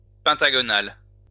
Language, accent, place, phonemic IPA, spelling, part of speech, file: French, France, Lyon, /pɛ̃.ta.ɡɔ.nal/, pentagonal, adjective, LL-Q150 (fra)-pentagonal.wav
- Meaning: pentagonal